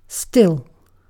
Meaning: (adjective) 1. Not moving; calm 2. Not effervescing; not sparkling 3. Uttering no sound; silent 4. Having the same stated quality continuously from a past time
- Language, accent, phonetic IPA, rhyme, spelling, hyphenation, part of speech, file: English, UK, [ˈstɪl], -ɪl, still, still, adjective / adverb / noun / verb, En-uk-still.ogg